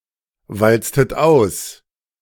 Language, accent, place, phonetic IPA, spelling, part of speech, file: German, Germany, Berlin, [ˌvalt͡stət ˈaʊ̯s], walztet aus, verb, De-walztet aus.ogg
- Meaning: inflection of auswalzen: 1. second-person plural preterite 2. second-person plural subjunctive II